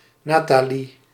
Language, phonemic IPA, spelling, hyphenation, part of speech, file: Dutch, /ˈnaː.taːˌli/, Natalie, Na‧ta‧lie, proper noun, Nl-Natalie.ogg
- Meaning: alternative form of Nathalie